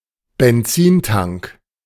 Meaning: petrol tank / gas tank
- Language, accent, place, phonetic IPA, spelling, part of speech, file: German, Germany, Berlin, [bɛnˈt͡siːnˌtaŋk], Benzintank, noun, De-Benzintank.ogg